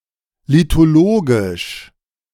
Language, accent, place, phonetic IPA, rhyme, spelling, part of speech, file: German, Germany, Berlin, [litoˈloːɡɪʃ], -oːɡɪʃ, lithologisch, adjective, De-lithologisch.ogg
- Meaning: lithological